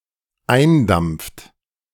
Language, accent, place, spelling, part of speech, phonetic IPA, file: German, Germany, Berlin, eindampft, verb, [ˈaɪ̯nˌdamp͡ft], De-eindampft.ogg
- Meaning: inflection of eindampfen: 1. third-person singular dependent present 2. second-person plural dependent present